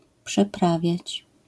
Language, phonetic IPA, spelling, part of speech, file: Polish, [pʃɛˈpravʲjät͡ɕ], przeprawiać, verb, LL-Q809 (pol)-przeprawiać.wav